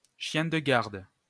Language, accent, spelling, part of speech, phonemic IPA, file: French, France, chien de garde, noun, /ʃjɛ̃ d(ə) ɡaʁd/, LL-Q150 (fra)-chien de garde.wav
- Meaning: a guard dog